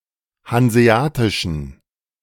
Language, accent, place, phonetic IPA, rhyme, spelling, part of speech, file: German, Germany, Berlin, [hanzeˈaːtɪʃn̩], -aːtɪʃn̩, hanseatischen, adjective, De-hanseatischen.ogg
- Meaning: inflection of hanseatisch: 1. strong genitive masculine/neuter singular 2. weak/mixed genitive/dative all-gender singular 3. strong/weak/mixed accusative masculine singular 4. strong dative plural